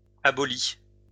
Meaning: inflection of abolir: 1. third-person singular present indicative 2. third-person singular past historic
- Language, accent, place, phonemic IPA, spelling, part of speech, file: French, France, Lyon, /a.bɔ.li/, abolit, verb, LL-Q150 (fra)-abolit.wav